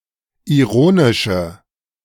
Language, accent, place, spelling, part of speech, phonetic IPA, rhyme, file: German, Germany, Berlin, ironische, adjective, [iˈʁoːnɪʃə], -oːnɪʃə, De-ironische.ogg
- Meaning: inflection of ironisch: 1. strong/mixed nominative/accusative feminine singular 2. strong nominative/accusative plural 3. weak nominative all-gender singular